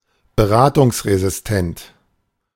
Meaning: resistant to advice
- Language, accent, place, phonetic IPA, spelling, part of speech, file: German, Germany, Berlin, [bəˈʁaːtʊŋsʁezɪsˌtɛnt], beratungsresistent, adjective, De-beratungsresistent.ogg